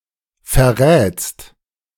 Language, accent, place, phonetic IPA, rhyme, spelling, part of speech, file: German, Germany, Berlin, [fɛɐ̯ˈʁɛːt͡st], -ɛːt͡st, verrätst, verb, De-verrätst.ogg
- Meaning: second-person singular present of verraten